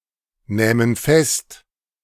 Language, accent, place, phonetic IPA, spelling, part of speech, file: German, Germany, Berlin, [ˌnɛːmən ˈfɛst], nähmen fest, verb, De-nähmen fest.ogg
- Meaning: first-person plural subjunctive II of festnehmen